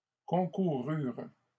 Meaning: third-person plural past historic of concourir
- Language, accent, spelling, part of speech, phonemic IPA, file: French, Canada, concoururent, verb, /kɔ̃.ku.ʁyʁ/, LL-Q150 (fra)-concoururent.wav